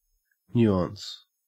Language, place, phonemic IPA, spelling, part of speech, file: English, Queensland, /ˈnjʉː.ɐːns/, nuance, noun / verb, En-au-nuance.ogg
- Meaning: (noun) 1. A minor distinction 2. Subtlety or fine detail; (verb) To apply a nuance to; to change or redefine in a subtle way